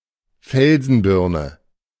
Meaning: shadbush, serviceberry (Amelanchier)
- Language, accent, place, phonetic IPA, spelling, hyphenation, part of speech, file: German, Germany, Berlin, [ˈfɛlzn̩ˌbɪʁnə], Felsenbirne, Fel‧sen‧bir‧ne, noun, De-Felsenbirne.ogg